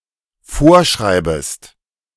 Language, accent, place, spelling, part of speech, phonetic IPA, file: German, Germany, Berlin, vorschreibest, verb, [ˈfoːɐ̯ˌʃʁaɪ̯bəst], De-vorschreibest.ogg
- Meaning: second-person singular dependent subjunctive I of vorschreiben